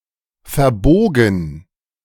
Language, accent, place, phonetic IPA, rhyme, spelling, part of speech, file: German, Germany, Berlin, [fɛɐ̯ˈboːɡn̩], -oːɡn̩, verbogen, verb, De-verbogen.ogg
- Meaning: past participle of verbiegen